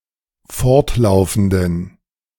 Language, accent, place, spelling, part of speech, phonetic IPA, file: German, Germany, Berlin, fortlaufenden, adjective, [ˈfɔʁtˌlaʊ̯fn̩dən], De-fortlaufenden.ogg
- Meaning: inflection of fortlaufend: 1. strong genitive masculine/neuter singular 2. weak/mixed genitive/dative all-gender singular 3. strong/weak/mixed accusative masculine singular 4. strong dative plural